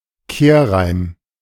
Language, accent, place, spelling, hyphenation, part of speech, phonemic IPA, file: German, Germany, Berlin, Kehrreim, Kehr‧reim, noun, /ˈkeːrˌraɪ̯m/, De-Kehrreim.ogg
- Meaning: chorus, refrain (repeated part of a song or poem)